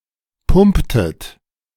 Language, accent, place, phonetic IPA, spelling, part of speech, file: German, Germany, Berlin, [ˈpʊmptət], pumptet, verb, De-pumptet.ogg
- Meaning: inflection of pumpen: 1. second-person plural preterite 2. second-person plural subjunctive II